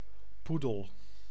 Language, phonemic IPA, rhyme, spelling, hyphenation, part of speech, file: Dutch, /ˈpu.dəl/, -udəl, poedel, poe‧del, noun, Nl-poedel.ogg
- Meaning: 1. poodle (dog breed) 2. a miss; a throw or shot that misses the goal or target